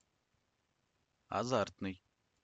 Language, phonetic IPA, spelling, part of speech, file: Russian, [ɐˈzartnɨj], азартный, adjective, Ru-Azartnyi.ogg
- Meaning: 1. fervent, passionate 2. impassioned, heated 3. gambling, chance